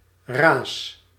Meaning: plural of ra
- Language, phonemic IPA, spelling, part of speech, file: Dutch, /ras/, ra's, noun, Nl-ra's.ogg